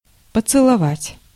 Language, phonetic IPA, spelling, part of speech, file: Russian, [pət͡sɨɫɐˈvatʲ], поцеловать, verb, Ru-поцеловать.ogg
- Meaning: to kiss, to give a kiss